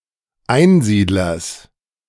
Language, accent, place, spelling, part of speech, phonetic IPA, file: German, Germany, Berlin, Einsiedlers, noun, [ˈaɪ̯nˌziːdlɐs], De-Einsiedlers.ogg
- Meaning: genitive singular of Einsiedler